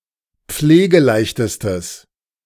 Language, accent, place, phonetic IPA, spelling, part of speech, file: German, Germany, Berlin, [ˈp͡fleːɡəˌlaɪ̯çtəstəs], pflegeleichtestes, adjective, De-pflegeleichtestes.ogg
- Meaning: strong/mixed nominative/accusative neuter singular superlative degree of pflegeleicht